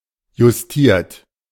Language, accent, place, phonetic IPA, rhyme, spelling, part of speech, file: German, Germany, Berlin, [jʊsˈtiːɐ̯t], -iːɐ̯t, justiert, verb, De-justiert.ogg
- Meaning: 1. past participle of justieren 2. inflection of justieren: third-person singular present 3. inflection of justieren: second-person plural present 4. inflection of justieren: plural imperative